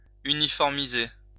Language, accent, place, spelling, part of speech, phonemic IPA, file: French, France, Lyon, uniformiser, verb, /y.ni.fɔʁ.mi.ze/, LL-Q150 (fra)-uniformiser.wav
- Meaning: 1. to make uniform, to make consistent (e.g., an aspect of a system); uniformize 2. to standardize